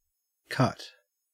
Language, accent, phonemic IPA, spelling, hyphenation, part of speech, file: English, Australia, /kɐt/, cut, cut, verb / adjective / noun / interjection, En-au-cut.ogg
- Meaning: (verb) To incise, to cut into the surface of something.: 1. To perform an incision on, for example with a knife 2. To divide with a knife, scissors, or another sharp instrument